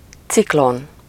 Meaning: cyclone
- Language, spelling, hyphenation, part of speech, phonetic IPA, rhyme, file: Hungarian, ciklon, cik‧lon, noun, [ˈt͡siklon], -on, Hu-ciklon.ogg